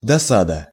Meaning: 1. annoyance, nuisance, vexation 2. disappointment
- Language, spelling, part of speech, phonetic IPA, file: Russian, досада, noun, [dɐˈsadə], Ru-досада.ogg